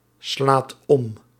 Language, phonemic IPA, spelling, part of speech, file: Dutch, /ˈslat ˈɔm/, slaat om, verb, Nl-slaat om.ogg
- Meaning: inflection of omslaan: 1. second/third-person singular present indicative 2. plural imperative